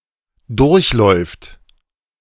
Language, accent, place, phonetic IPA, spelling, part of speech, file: German, Germany, Berlin, [ˈdʊʁçˌlɔɪ̯ft], durchläuft, verb, De-durchläuft.ogg
- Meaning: third-person singular present of durchlaufen